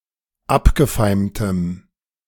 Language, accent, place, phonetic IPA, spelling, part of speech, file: German, Germany, Berlin, [ˈapɡəˌfaɪ̯mtəm], abgefeimtem, adjective, De-abgefeimtem.ogg
- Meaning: strong dative masculine/neuter singular of abgefeimt